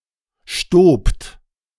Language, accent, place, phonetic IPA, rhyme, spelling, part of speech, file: German, Germany, Berlin, [ʃtoːpt], -oːpt, stobt, verb, De-stobt.ogg
- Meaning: second-person plural preterite of stieben